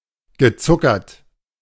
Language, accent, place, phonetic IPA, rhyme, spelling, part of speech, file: German, Germany, Berlin, [ɡəˈt͡sʊkɐt], -ʊkɐt, gezuckert, adjective / verb, De-gezuckert.ogg
- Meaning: past participle of zuckern